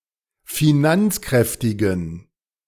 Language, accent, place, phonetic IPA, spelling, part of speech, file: German, Germany, Berlin, [fiˈnant͡sˌkʁɛftɪɡn̩], finanzkräftigen, adjective, De-finanzkräftigen.ogg
- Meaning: inflection of finanzkräftig: 1. strong genitive masculine/neuter singular 2. weak/mixed genitive/dative all-gender singular 3. strong/weak/mixed accusative masculine singular 4. strong dative plural